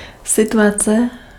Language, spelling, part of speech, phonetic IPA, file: Czech, situace, noun, [ˈsɪtuat͡sɛ], Cs-situace.ogg
- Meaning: situation (state of affairs)